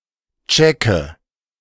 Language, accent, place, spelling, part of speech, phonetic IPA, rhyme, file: German, Germany, Berlin, checke, verb, [ˈt͡ʃɛkə], -ɛkə, De-checke.ogg
- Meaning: inflection of checken: 1. first-person singular present 2. first/third-person singular subjunctive I 3. singular imperative